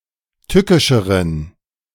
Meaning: inflection of tückisch: 1. strong genitive masculine/neuter singular comparative degree 2. weak/mixed genitive/dative all-gender singular comparative degree
- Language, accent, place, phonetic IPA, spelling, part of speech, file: German, Germany, Berlin, [ˈtʏkɪʃəʁən], tückischeren, adjective, De-tückischeren.ogg